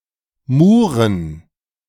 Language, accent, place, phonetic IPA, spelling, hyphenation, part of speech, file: German, Germany, Berlin, [ˈmuːʁən], Muren, Mu‧ren, noun, De-Muren.ogg
- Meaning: plural of Mure